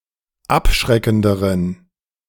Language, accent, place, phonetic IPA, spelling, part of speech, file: German, Germany, Berlin, [ˈapˌʃʁɛkn̩dəʁən], abschreckenderen, adjective, De-abschreckenderen.ogg
- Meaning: inflection of abschreckend: 1. strong genitive masculine/neuter singular comparative degree 2. weak/mixed genitive/dative all-gender singular comparative degree